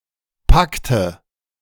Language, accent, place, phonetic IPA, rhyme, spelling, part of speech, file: German, Germany, Berlin, [ˈpaktə], -aktə, packte, verb, De-packte.ogg
- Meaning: inflection of packen: 1. first/third-person singular preterite 2. first/third-person singular subjunctive II